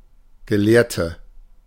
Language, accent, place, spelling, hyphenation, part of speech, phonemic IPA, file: German, Germany, Berlin, Gelehrte, Ge‧lehr‧te, noun, /ɡəˈleːɐ̯tə/, De-Gelehrte.ogg
- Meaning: 1. female equivalent of Gelehrter: female scholar/savant/pundit; woman of letters, female academic 2. inflection of Gelehrter: strong nominative/accusative plural